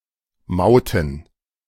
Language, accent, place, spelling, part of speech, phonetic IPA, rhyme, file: German, Germany, Berlin, Mauten, noun, [ˈmaʊ̯tn̩], -aʊ̯tn̩, De-Mauten.ogg
- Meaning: plural of Maut